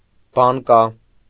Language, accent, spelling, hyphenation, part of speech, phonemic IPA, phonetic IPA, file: Armenian, Eastern Armenian, բանկա, բան‧կա, noun, /bɑnˈkɑ/, [bɑŋkɑ́], Hy-բանկա.ogg
- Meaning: 1. glass jar 2. cupping jar